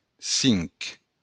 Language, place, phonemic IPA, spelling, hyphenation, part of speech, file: Occitan, Béarn, /ˈsink/, cinc, cinc, numeral, LL-Q14185 (oci)-cinc.wav
- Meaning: five